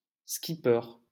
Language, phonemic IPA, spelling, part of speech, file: French, /ski.pœʁ/, skipper, noun / verb, LL-Q150 (fra)-skipper.wav
- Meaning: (noun) skipper; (verb) to skipper